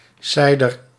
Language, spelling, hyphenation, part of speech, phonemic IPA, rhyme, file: Dutch, seider, sei‧der, noun, /ˈsɛi̯.dər/, -ɛi̯dər, Nl-seider.ogg
- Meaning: seder (Passover meal)